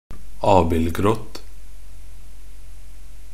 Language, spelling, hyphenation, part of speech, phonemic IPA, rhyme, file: Norwegian Bokmål, abildgrått, ab‧ild‧grått, adjective, /ˈɑːbɪlɡrɔt/, -ɔt, Nb-abildgrått.ogg
- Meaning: neuter singular of abildgrå